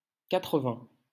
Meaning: Form of quatre-vingts (“eighty”) used in compounds (the numbers 81 to 99, larger numbers ending in numbers from 81 to 99, and the ordinal numbers corresponding to any of these numbers)
- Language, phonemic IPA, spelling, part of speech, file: French, /ka.tʁə.vɛ̃/, quatre-vingt, noun, LL-Q150 (fra)-quatre-vingt.wav